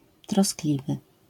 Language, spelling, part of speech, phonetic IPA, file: Polish, troskliwy, adjective, [trɔsˈklʲivɨ], LL-Q809 (pol)-troskliwy.wav